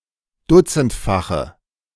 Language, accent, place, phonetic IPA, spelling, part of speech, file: German, Germany, Berlin, [ˈdʊt͡sn̩tfaxə], dutzendfache, adjective, De-dutzendfache.ogg
- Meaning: inflection of dutzendfach: 1. strong/mixed nominative/accusative feminine singular 2. strong nominative/accusative plural 3. weak nominative all-gender singular